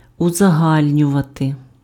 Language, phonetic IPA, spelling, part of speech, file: Ukrainian, [ʊzɐˈɦalʲnʲʊʋɐte], узагальнювати, verb, Uk-узагальнювати.ogg
- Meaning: to generalize